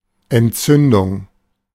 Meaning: inflammation
- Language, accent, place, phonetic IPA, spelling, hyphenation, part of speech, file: German, Germany, Berlin, [ʔɛntˈtsʏndʊŋ], Entzündung, Ent‧zün‧dung, noun, De-Entzündung.ogg